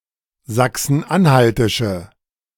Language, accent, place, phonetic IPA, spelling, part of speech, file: German, Germany, Berlin, [ˌzaksn̩ˈʔanhaltɪʃə], sachsen-anhaltische, adjective, De-sachsen-anhaltische.ogg
- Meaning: inflection of sachsen-anhaltisch: 1. strong/mixed nominative/accusative feminine singular 2. strong nominative/accusative plural 3. weak nominative all-gender singular